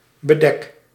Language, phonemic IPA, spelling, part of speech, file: Dutch, /bəˈdɛk/, bedek, verb, Nl-bedek.ogg
- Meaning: inflection of bedekken: 1. first-person singular present indicative 2. second-person singular present indicative 3. imperative